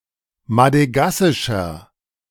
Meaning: inflection of madegassisch: 1. strong/mixed nominative masculine singular 2. strong genitive/dative feminine singular 3. strong genitive plural
- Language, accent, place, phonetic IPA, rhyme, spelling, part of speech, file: German, Germany, Berlin, [madəˈɡasɪʃɐ], -asɪʃɐ, madegassischer, adjective, De-madegassischer.ogg